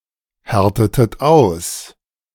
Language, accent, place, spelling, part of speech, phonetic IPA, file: German, Germany, Berlin, härtetet aus, verb, [ˌhɛʁtətət ˈaʊ̯s], De-härtetet aus.ogg
- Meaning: inflection of aushärten: 1. second-person plural preterite 2. second-person plural subjunctive II